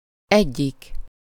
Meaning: one, one of (a given class, sort, group of people, etc.)
- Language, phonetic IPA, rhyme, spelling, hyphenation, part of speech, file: Hungarian, [ˈɛɟːik], -ik, egyik, egyik, pronoun, Hu-egyik.ogg